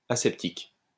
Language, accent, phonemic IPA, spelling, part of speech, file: French, France, /a.sɛp.tik/, aseptique, adjective, LL-Q150 (fra)-aseptique.wav
- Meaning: aseptic